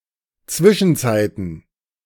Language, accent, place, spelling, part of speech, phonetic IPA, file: German, Germany, Berlin, Zwischenzeiten, noun, [ˈt͡svɪʃn̩ˌt͡saɪ̯tn̩], De-Zwischenzeiten.ogg
- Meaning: plural of Zwischenzeit